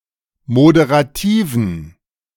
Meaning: inflection of moderativ: 1. strong genitive masculine/neuter singular 2. weak/mixed genitive/dative all-gender singular 3. strong/weak/mixed accusative masculine singular 4. strong dative plural
- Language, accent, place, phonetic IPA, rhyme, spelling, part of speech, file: German, Germany, Berlin, [modeʁaˈtiːvn̩], -iːvn̩, moderativen, adjective, De-moderativen.ogg